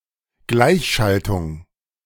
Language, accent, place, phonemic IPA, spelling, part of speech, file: German, Germany, Berlin, /ˈɡlaɪçˌʃaltʊŋ/, Gleichschaltung, noun, De-Gleichschaltung2.ogg
- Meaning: 1. synchronisation, bringing into line 2. Gleichschaltung